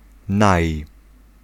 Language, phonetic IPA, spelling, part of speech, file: Polish, [naj], naj-, prefix, Pl-naj-.ogg